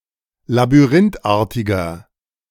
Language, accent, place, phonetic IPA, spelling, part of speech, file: German, Germany, Berlin, [labyˈʁɪntˌʔaːɐ̯tɪɡɐ], labyrinthartiger, adjective, De-labyrinthartiger.ogg
- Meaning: inflection of labyrinthartig: 1. strong/mixed nominative masculine singular 2. strong genitive/dative feminine singular 3. strong genitive plural